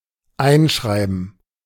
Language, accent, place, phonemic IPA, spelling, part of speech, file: German, Germany, Berlin, /ˈaɪ̯nˌʃʁaɪ̯bn̩/, Einschreiben, noun, De-Einschreiben.ogg
- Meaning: registered mail